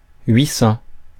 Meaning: eight hundred
- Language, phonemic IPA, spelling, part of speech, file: French, /ɥi sɑ̃/, huit cents, numeral, Fr-huit cents.ogg